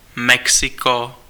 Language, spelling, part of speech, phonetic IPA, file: Czech, Mexiko, proper noun, [ˈmɛksɪko], Cs-Mexiko.ogg
- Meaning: 1. Mexico (a country in North America, located south of the United States, and northwest of Guatemala and Belize from Central America) 2. Mexico City (the capital city of Mexico)